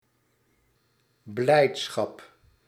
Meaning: joy, gladness
- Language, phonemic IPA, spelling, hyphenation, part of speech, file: Dutch, /ˈblɛi̯t.sxɑp/, blijdschap, blijd‧schap, noun, Nl-blijdschap.ogg